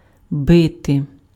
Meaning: to beat, to hit, to strike
- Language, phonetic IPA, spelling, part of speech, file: Ukrainian, [ˈbɪte], бити, verb, Uk-бити.ogg